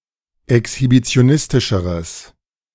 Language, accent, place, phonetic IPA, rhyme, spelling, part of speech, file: German, Germany, Berlin, [ɛkshibit͡si̯oˈnɪstɪʃəʁəs], -ɪstɪʃəʁəs, exhibitionistischeres, adjective, De-exhibitionistischeres.ogg
- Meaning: strong/mixed nominative/accusative neuter singular comparative degree of exhibitionistisch